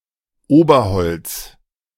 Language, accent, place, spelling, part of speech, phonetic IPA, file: German, Germany, Berlin, Oberholz, noun, [ˈoːbɐˌhɔlt͡s], De-Oberholz.ogg
- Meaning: overstory